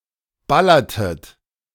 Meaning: inflection of ballern: 1. second-person plural preterite 2. second-person plural subjunctive II
- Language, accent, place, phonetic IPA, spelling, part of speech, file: German, Germany, Berlin, [ˈbalɐtət], ballertet, verb, De-ballertet.ogg